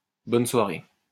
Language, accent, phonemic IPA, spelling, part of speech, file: French, France, /bɔn swa.ʁe/, bonne soirée, interjection, LL-Q150 (fra)-bonne soirée.wav
- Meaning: Have a good evening (a phrase uttered upon a farewell)